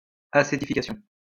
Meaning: acetification
- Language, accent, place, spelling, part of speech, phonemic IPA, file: French, France, Lyon, acétification, noun, /a.se.ti.fi.ka.sjɔ̃/, LL-Q150 (fra)-acétification.wav